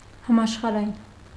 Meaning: worldwide, universal, global
- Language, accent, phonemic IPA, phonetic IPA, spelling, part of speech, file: Armenian, Eastern Armenian, /hɑmɑʃχɑɾɑˈjin/, [hɑmɑʃχɑɾɑjín], համաշխարհային, adjective, Hy-համաշխարհային.ogg